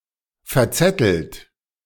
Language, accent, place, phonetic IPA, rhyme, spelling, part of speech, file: German, Germany, Berlin, [fɛɐ̯ˈt͡sɛtl̩t], -ɛtl̩t, verzettelt, verb, De-verzettelt.ogg
- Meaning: past participle of verzetteln